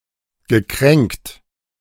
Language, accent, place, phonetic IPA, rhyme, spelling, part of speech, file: German, Germany, Berlin, [ɡəˈkʁɛŋkt], -ɛŋkt, gekränkt, verb, De-gekränkt.ogg
- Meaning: past participle of kränken